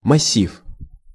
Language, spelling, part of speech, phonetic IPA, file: Russian, массив, noun, [mɐˈsʲif], Ru-массив.ogg
- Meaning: 1. massif, mountain mass 2. array (any of various data structures)